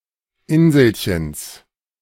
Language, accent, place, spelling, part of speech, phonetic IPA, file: German, Germany, Berlin, Inselchens, noun, [ˈɪnzl̩çəns], De-Inselchens.ogg
- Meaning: genitive singular of Inselchen